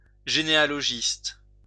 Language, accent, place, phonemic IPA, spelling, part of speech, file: French, France, Lyon, /ʒe.ne.a.lɔ.ʒist/, généalogiste, noun, LL-Q150 (fra)-généalogiste.wav
- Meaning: genealogist